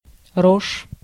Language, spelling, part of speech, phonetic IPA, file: Russian, рожь, noun, [roʂ], Ru-рожь.ogg
- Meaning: 1. rye (grass; grain) 2. stand or field of rye